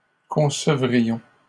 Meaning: first-person plural conditional of concevoir
- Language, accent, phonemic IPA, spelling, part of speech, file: French, Canada, /kɔ̃.sə.vʁi.jɔ̃/, concevrions, verb, LL-Q150 (fra)-concevrions.wav